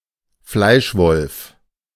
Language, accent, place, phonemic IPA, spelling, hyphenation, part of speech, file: German, Germany, Berlin, /ˈflaɪ̯ˌʃvɔlf/, Fleischwolf, Fleisch‧wolf, noun, De-Fleischwolf.ogg
- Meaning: meatgrinder, mincer